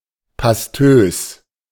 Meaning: pasty
- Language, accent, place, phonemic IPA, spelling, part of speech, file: German, Germany, Berlin, /paˈstøːs/, pastös, adjective, De-pastös.ogg